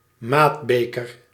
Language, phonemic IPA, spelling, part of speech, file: Dutch, /ˈmadbekər/, maatbeker, noun, Nl-maatbeker.ogg
- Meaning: measuring cup, measuring jug